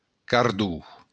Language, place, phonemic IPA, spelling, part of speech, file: Occitan, Béarn, /kaɾˈðu/, cardon, noun, LL-Q14185 (oci)-cardon.wav
- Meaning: thistle